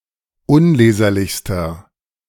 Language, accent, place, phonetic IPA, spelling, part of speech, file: German, Germany, Berlin, [ˈʊnˌleːzɐlɪçstɐ], unleserlichster, adjective, De-unleserlichster.ogg
- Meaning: inflection of unleserlich: 1. strong/mixed nominative masculine singular superlative degree 2. strong genitive/dative feminine singular superlative degree 3. strong genitive plural superlative degree